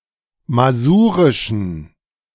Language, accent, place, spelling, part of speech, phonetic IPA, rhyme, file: German, Germany, Berlin, masurischen, adjective, [maˈzuːʁɪʃn̩], -uːʁɪʃn̩, De-masurischen.ogg
- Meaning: inflection of masurisch: 1. strong genitive masculine/neuter singular 2. weak/mixed genitive/dative all-gender singular 3. strong/weak/mixed accusative masculine singular 4. strong dative plural